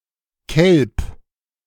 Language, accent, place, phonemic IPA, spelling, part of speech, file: German, Germany, Berlin, /kɛlp/, Kelp, noun, De-Kelp.ogg
- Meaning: kelp